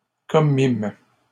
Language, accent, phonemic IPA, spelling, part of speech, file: French, Canada, /kɔ.mim/, commîmes, verb, LL-Q150 (fra)-commîmes.wav
- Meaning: first-person plural past historic of commettre